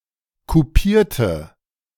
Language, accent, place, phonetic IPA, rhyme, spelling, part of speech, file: German, Germany, Berlin, [kuˈpiːɐ̯tə], -iːɐ̯tə, kupierte, verb / adjective, De-kupierte.ogg
- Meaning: inflection of kupieren: 1. first/third-person singular preterite 2. first/third-person singular subjunctive II